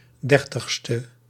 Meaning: abbreviation of dertigste
- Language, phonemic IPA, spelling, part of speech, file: Dutch, /ˈdɛrtəxstə/, 30e, adjective, Nl-30e.ogg